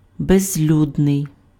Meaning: 1. unpopulated, uninhabited 2. desolate, abandoned (bereft of people)
- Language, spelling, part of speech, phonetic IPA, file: Ukrainian, безлюдний, adjective, [bezʲˈlʲudnei̯], Uk-безлюдний.ogg